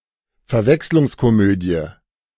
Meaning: A comedy whose humour is based on someone’s being mistaken for someone else or for something they are not; a comedy of errors (but restricted to this narrower sense)
- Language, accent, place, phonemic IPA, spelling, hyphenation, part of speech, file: German, Germany, Berlin, /fɛɐ̯ˈvɛkslʊŋskoˌmøːdi̯ə/, Verwechslungskomödie, Ver‧wechs‧lungs‧ko‧mö‧die, noun, De-Verwechslungskomödie.ogg